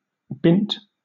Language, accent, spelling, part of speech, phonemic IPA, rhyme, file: English, Southern England, bint, noun, /bɪnt/, -ɪnt, LL-Q1860 (eng)-bint.wav
- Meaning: A woman, a girl